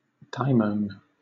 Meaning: 1. Synonym of demon, particularly as 2. Synonym of demon, particularly as: A tutelary deity or spirit that watches over a person or place
- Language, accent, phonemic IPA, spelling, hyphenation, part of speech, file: English, Southern England, /ˈdʌɪməʊn/, daimon, dai‧mon, noun, LL-Q1860 (eng)-daimon.wav